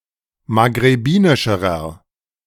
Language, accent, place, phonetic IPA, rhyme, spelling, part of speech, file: German, Germany, Berlin, [maɡʁeˈbiːnɪʃəʁɐ], -iːnɪʃəʁɐ, maghrebinischerer, adjective, De-maghrebinischerer.ogg
- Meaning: inflection of maghrebinisch: 1. strong/mixed nominative masculine singular comparative degree 2. strong genitive/dative feminine singular comparative degree